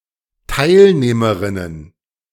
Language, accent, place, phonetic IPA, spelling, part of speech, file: German, Germany, Berlin, [ˈtaɪ̯lneːməʁɪnən], Teilnehmerinnen, noun, De-Teilnehmerinnen.ogg
- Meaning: plural of Teilnehmerin